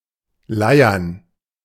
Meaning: to hum, to drone
- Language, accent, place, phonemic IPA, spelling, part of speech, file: German, Germany, Berlin, /ˈlaɪ̯ɐn/, leiern, verb, De-leiern.ogg